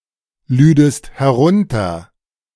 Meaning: second-person singular subjunctive II of herunterladen
- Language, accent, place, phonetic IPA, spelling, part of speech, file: German, Germany, Berlin, [ˌlyːdəst hɛˈʁʊntɐ], lüdest herunter, verb, De-lüdest herunter.ogg